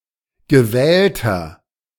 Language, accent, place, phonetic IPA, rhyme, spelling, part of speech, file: German, Germany, Berlin, [ɡəˈvɛːltɐ], -ɛːltɐ, gewählter, adjective, De-gewählter.ogg
- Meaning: 1. comparative degree of gewählt 2. inflection of gewählt: strong/mixed nominative masculine singular 3. inflection of gewählt: strong genitive/dative feminine singular